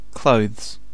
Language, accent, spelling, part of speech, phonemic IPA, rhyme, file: English, UK, clothes, verb, /kləʊðz/, -əʊðz, En-uk-Clothes.ogg
- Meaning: third-person singular simple present indicative of clothe